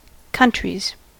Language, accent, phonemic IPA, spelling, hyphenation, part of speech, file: English, US, /ˈkʌntɹiz/, countries, coun‧tries, noun, En-us-countries.ogg
- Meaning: plural of country